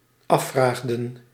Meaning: inflection of afvragen: 1. plural dependent-clause past indicative 2. plural dependent-clause past subjunctive
- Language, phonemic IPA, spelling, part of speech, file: Dutch, /ˈɑfraɣdə(n)/, afvraagden, verb, Nl-afvraagden.ogg